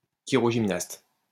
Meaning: hand director
- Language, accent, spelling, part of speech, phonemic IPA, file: French, France, chirogymnaste, noun, /ki.ʁɔ.ʒim.nast/, LL-Q150 (fra)-chirogymnaste.wav